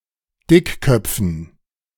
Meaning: dative plural of Dickkopf
- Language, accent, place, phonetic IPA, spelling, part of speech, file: German, Germany, Berlin, [ˈdɪkˌkœp͡fn̩], Dickköpfen, noun, De-Dickköpfen.ogg